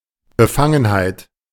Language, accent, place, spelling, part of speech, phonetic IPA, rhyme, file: German, Germany, Berlin, Befangenheit, noun, [bəˈfaŋənhaɪ̯t], -aŋənhaɪ̯t, De-Befangenheit.ogg
- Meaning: 1. bias, conflict of interest (inability to act with required objectivity and impartiality, usually due to personal involvement) 2. shyness, bashfulness